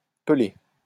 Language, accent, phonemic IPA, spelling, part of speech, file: French, France, /pə.le/, peler, verb, LL-Q150 (fra)-peler.wav
- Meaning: to peel